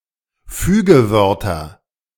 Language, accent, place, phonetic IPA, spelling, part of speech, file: German, Germany, Berlin, [ˈfyːɡəˌvœʁtɐ], Fügewörter, noun, De-Fügewörter.ogg
- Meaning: nominative/accusative/genitive plural of Fügewort